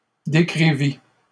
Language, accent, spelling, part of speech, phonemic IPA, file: French, Canada, décrivit, verb, /de.kʁi.vi/, LL-Q150 (fra)-décrivit.wav
- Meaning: third-person singular past historic of décrire